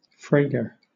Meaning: 1. A loud and sudden sound; the report of anything bursting; a crash 2. A strong or sweet scent; fragrance
- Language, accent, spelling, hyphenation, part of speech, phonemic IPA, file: English, Southern England, fragor, fra‧gor, noun, /ˈfɹeɪ̯ɡə/, LL-Q1860 (eng)-fragor.wav